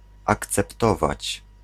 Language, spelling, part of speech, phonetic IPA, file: Polish, akceptować, verb, [ˌakt͡sɛpˈtɔvat͡ɕ], Pl-akceptować.ogg